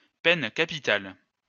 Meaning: capital punishment (punishment by death)
- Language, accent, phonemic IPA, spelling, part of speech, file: French, France, /pɛn ka.pi.tal/, peine capitale, noun, LL-Q150 (fra)-peine capitale.wav